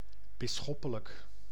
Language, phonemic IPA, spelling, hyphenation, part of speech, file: Dutch, /bɪ(s)ˈsxɔpələk/, bisschoppelijk, bis‧schop‧pe‧lijk, adjective, Nl-bisschoppelijk.ogg
- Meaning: episcopal, related to a bishop and/or to the episcopate